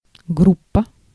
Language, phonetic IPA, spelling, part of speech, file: Russian, [ˈɡrup(ː)ə], группа, noun, Ru-группа.ogg
- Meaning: group